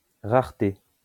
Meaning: rarity
- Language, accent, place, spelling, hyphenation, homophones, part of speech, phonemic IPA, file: French, France, Lyon, rareté, rare‧té, raretés, noun, /ʁaʁ.te/, LL-Q150 (fra)-rareté.wav